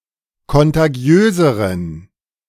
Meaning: inflection of kontagiös: 1. strong genitive masculine/neuter singular comparative degree 2. weak/mixed genitive/dative all-gender singular comparative degree
- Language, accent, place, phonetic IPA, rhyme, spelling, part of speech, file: German, Germany, Berlin, [kɔntaˈɡi̯øːzəʁən], -øːzəʁən, kontagiöseren, adjective, De-kontagiöseren.ogg